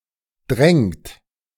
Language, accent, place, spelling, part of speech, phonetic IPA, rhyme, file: German, Germany, Berlin, drängt, verb, [dʁɛŋt], -ɛŋt, De-drängt.ogg
- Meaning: inflection of drängen: 1. third-person singular present 2. second-person plural present 3. plural imperative